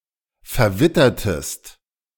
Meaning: inflection of verwittern: 1. second-person singular preterite 2. second-person singular subjunctive II
- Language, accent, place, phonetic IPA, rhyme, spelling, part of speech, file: German, Germany, Berlin, [fɛɐ̯ˈvɪtɐtəst], -ɪtɐtəst, verwittertest, verb, De-verwittertest.ogg